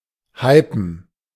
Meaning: to hype
- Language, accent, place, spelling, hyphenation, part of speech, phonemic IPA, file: German, Germany, Berlin, hypen, hy‧pen, verb, /ˈhaɪ̯pn̩/, De-hypen.ogg